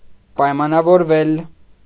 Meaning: 1. mediopassive of պայմանավորել (paymanavorel) 2. to agree, to come to an agreement 3. to depend on, to be conditional
- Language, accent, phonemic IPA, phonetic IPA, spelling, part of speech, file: Armenian, Eastern Armenian, /pɑjmɑnɑvoɾˈvel/, [pɑjmɑnɑvoɾvél], պայմանավորվել, verb, Hy-պայմանավորվել.ogg